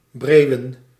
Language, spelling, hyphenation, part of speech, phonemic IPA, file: Dutch, breeuwen, breeu‧wen, verb, /ˈbreːu̯.ə(n)/, Nl-breeuwen.ogg
- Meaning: 1. to caulk, to fix a ship's seams with oakum 2. to sew the eyelids of a young falcon shut, in order to prevent it from seeing